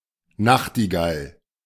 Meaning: nightingale (bird)
- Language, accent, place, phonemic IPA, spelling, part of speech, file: German, Germany, Berlin, /ˈnaxtiɡal/, Nachtigall, noun, De-Nachtigall.ogg